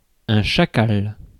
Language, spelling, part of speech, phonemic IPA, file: French, chacal, noun, /ʃa.kal/, Fr-chacal.ogg
- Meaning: jackal